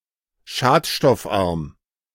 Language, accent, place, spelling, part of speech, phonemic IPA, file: German, Germany, Berlin, schadstoffarm, adjective, /ˈʃaːtʃtɔfˌʔaʁm/, De-schadstoffarm.ogg
- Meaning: low-pollutant